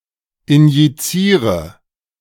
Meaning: inflection of injizieren: 1. first-person singular present 2. singular imperative 3. first/third-person singular subjunctive I
- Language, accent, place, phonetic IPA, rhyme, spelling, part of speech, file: German, Germany, Berlin, [ɪnjiˈt͡siːʁə], -iːʁə, injiziere, verb, De-injiziere.ogg